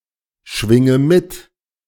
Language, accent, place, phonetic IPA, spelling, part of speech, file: German, Germany, Berlin, [ˌʃvɪŋə ˈmɪt], schwinge mit, verb, De-schwinge mit.ogg
- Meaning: inflection of mitschwingen: 1. first-person singular present 2. first/third-person singular subjunctive I 3. singular imperative